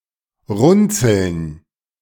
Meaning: plural of Runzel
- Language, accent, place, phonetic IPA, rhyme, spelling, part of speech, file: German, Germany, Berlin, [ˈʁʊnt͡sl̩n], -ʊnt͡sl̩n, Runzeln, noun, De-Runzeln.ogg